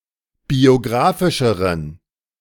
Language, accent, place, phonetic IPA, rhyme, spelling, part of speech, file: German, Germany, Berlin, [bioˈɡʁaːfɪʃəʁən], -aːfɪʃəʁən, biografischeren, adjective, De-biografischeren.ogg
- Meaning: inflection of biografisch: 1. strong genitive masculine/neuter singular comparative degree 2. weak/mixed genitive/dative all-gender singular comparative degree